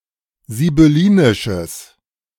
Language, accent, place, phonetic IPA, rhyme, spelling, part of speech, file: German, Germany, Berlin, [zibʏˈliːnɪʃəs], -iːnɪʃəs, sibyllinisches, adjective, De-sibyllinisches.ogg
- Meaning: strong/mixed nominative/accusative neuter singular of sibyllinisch